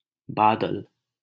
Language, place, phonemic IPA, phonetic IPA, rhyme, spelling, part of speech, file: Hindi, Delhi, /bɑː.d̪əl/, [bäː.d̪ɐl], -əl, बादल, noun, LL-Q1568 (hin)-बादल.wav
- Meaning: cloud